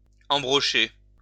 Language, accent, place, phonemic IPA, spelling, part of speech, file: French, France, Lyon, /ɑ̃.bʁɔ.ʃe/, embrocher, verb, LL-Q150 (fra)-embrocher.wav
- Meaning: 1. to put on a spit 2. to skewer